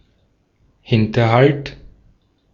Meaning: ambush
- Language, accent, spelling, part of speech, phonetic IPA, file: German, Austria, Hinterhalt, noun, [ˈhɪntɐˌhalt], De-at-Hinterhalt.ogg